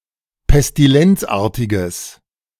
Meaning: strong/mixed nominative/accusative neuter singular of pestilenzartig
- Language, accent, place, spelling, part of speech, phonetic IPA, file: German, Germany, Berlin, pestilenzartiges, adjective, [pɛstiˈlɛnt͡sˌʔaːɐ̯tɪɡəs], De-pestilenzartiges.ogg